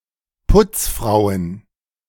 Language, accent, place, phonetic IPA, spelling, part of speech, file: German, Germany, Berlin, [ˈpʊt͡sfʁaʊ̯ən], Putzfrauen, noun, De-Putzfrauen.ogg
- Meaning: plural of Putzfrau